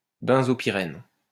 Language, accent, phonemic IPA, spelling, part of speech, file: French, France, /bɛ̃.zɔ.pi.ʁɛn/, benzopyrène, noun, LL-Q150 (fra)-benzopyrène.wav
- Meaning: benzopyrene